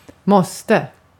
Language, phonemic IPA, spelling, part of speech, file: Swedish, /²mɔstɛ/, måste, verb / noun, Sv-måste.ogg
- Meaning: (verb) must, have to; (noun) a must; something that is (ordinarily) mandatory or required, an obligation, a duty